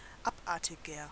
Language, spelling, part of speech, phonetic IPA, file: German, abartiger, adjective, [ˈapˌʔaʁtɪɡɐ], De-abartiger.ogg
- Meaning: 1. comparative degree of abartig 2. inflection of abartig: strong/mixed nominative masculine singular 3. inflection of abartig: strong genitive/dative feminine singular